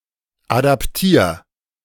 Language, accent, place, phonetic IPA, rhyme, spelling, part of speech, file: German, Germany, Berlin, [ˌadapˈtiːɐ̯], -iːɐ̯, adaptier, verb, De-adaptier.ogg
- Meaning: 1. singular imperative of adaptieren 2. first-person singular present of adaptieren